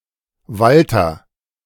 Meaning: 1. a male given name 2. a common surname originating as a patronymic
- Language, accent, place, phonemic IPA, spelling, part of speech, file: German, Germany, Berlin, /ˈvaltər/, Walter, proper noun, De-Walter.ogg